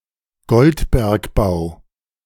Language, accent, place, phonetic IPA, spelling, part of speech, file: German, Germany, Berlin, [ˈɡɔltbɛʁkˌbaʊ̯], Goldbergbau, noun, De-Goldbergbau.ogg
- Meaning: 1. gold mining 2. gold-mining industry